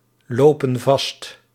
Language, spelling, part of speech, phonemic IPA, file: Dutch, lopen vast, verb, /ˈlopə(n) ˈvɑst/, Nl-lopen vast.ogg
- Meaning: inflection of vastlopen: 1. plural present indicative 2. plural present subjunctive